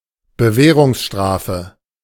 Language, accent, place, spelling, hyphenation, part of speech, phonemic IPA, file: German, Germany, Berlin, Bewährungsstrafe, Be‧wäh‧rungs‧stra‧fe, noun, /bəˈvɛːʁʊŋsˌʃtʁaːfə/, De-Bewährungsstrafe.ogg
- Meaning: suspended sentence